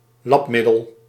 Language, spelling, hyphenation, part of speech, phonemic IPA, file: Dutch, lapmiddel, lap‧middel, noun, /ˈlɑpˌmɪ.dəl/, Nl-lapmiddel.ogg
- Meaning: improvised fix, stopgap